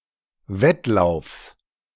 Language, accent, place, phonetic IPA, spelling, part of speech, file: German, Germany, Berlin, [ˈvɛtˌlaʊ̯fs], Wettlaufs, noun, De-Wettlaufs.ogg
- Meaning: genitive singular of Wettlauf